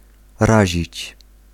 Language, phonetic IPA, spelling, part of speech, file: Polish, [ˈraʑit͡ɕ], razić, verb, Pl-razić.ogg